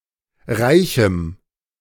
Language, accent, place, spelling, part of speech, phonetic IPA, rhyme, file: German, Germany, Berlin, reichem, adjective, [ˈʁaɪ̯çm̩], -aɪ̯çm̩, De-reichem.ogg
- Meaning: strong dative masculine/neuter singular of reich